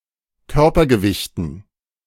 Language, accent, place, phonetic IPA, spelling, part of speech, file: German, Germany, Berlin, [ˈkœʁpɐɡəˌvɪçtn̩], Körpergewichten, noun, De-Körpergewichten.ogg
- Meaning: dative plural of Körpergewicht